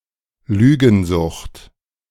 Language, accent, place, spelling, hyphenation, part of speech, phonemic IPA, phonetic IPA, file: German, Germany, Berlin, Lügensucht, Lü‧gen‧sucht, noun, /ˈlyːɡənˌzʊxt/, [ˈlyːɡn̩ˌzʊxt], De-Lügensucht.ogg
- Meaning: pathological lying